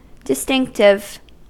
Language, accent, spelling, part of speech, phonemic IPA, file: English, US, distinctive, adjective / noun, /dɪˈstɪŋktɪv/, En-us-distinctive.ogg
- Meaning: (adjective) 1. Distinguishing, used to or enabling the distinguishing of some thing 2. Discriminating, discerning, having the ability to distinguish between things 3. Characteristic, typical